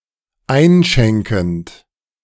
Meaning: present participle of einschenken
- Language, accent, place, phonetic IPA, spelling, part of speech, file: German, Germany, Berlin, [ˈaɪ̯nˌʃɛŋkn̩t], einschenkend, verb, De-einschenkend.ogg